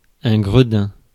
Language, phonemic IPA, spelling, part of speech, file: French, /ɡʁə.dɛ̃/, gredin, noun, Fr-gredin.ogg
- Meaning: 1. beggar 2. scoundrel, rascal